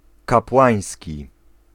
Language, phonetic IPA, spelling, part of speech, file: Polish, [kapˈwãj̃sʲci], kapłański, adjective, Pl-kapłański.ogg